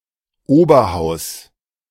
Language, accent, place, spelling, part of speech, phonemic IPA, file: German, Germany, Berlin, Oberhaus, noun, /ˈoːbɐˌhaʊ̯s/, De-Oberhaus.ogg
- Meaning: 1. upper house, first chamber (e.g. the UK House of Lords, the US Senate etc.) 2. first tier, the highest league